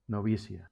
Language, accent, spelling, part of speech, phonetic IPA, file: Catalan, Valencia, novícia, noun, [noˈvi.si.a], LL-Q7026 (cat)-novícia.wav
- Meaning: female equivalent of novici